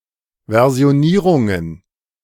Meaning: plural of Versionierung
- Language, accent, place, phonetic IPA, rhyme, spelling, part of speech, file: German, Germany, Berlin, [ˌvɛʁzi̯oˈniːʁʊŋən], -iːʁʊŋən, Versionierungen, noun, De-Versionierungen.ogg